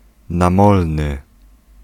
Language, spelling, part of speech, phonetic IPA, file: Polish, namolny, adjective, [nãˈmɔlnɨ], Pl-namolny.ogg